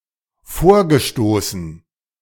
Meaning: past participle of vorstoßen
- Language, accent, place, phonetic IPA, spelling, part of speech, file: German, Germany, Berlin, [ˈfoːɐ̯ɡəˌʃtoːsn̩], vorgestoßen, verb, De-vorgestoßen.ogg